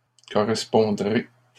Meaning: second-person plural future of correspondre
- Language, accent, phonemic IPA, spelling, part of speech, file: French, Canada, /kɔ.ʁɛs.pɔ̃.dʁe/, correspondrez, verb, LL-Q150 (fra)-correspondrez.wav